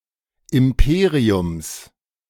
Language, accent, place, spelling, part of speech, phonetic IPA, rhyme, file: German, Germany, Berlin, Imperiums, noun, [ɪmˈpeːʁiʊms], -eːʁiʊms, De-Imperiums.ogg
- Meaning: genitive singular of Imperium